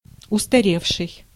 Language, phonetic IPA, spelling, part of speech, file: Russian, [ʊstɐˈrʲefʂɨj], устаревший, verb / adjective, Ru-устаревший.ogg
- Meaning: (verb) past active perfective participle of устаре́ть (ustarétʹ); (adjective) obsolete, antiquated, outdated